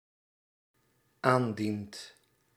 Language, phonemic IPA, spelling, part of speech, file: Dutch, /ˈandint/, aandient, verb, Nl-aandient.ogg
- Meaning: second/third-person singular dependent-clause present indicative of aandienen